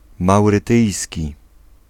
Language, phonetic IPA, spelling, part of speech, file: Polish, [ˌmawrɨˈtɨjsʲci], maurytyjski, adjective, Pl-maurytyjski.ogg